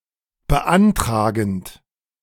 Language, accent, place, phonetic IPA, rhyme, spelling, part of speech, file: German, Germany, Berlin, [bəˈʔantʁaːɡn̩t], -antʁaːɡn̩t, beantragend, verb, De-beantragend.ogg
- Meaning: present participle of beantragen